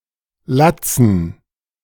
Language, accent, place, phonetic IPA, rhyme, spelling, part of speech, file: German, Germany, Berlin, [ˈlat͡sn̩], -at͡sn̩, Latzen, noun, De-Latzen.ogg
- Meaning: dative plural of Latz